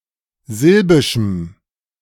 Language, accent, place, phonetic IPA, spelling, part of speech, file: German, Germany, Berlin, [ˈzɪlbɪʃm̩], silbischem, adjective, De-silbischem.ogg
- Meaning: strong dative masculine/neuter singular of silbisch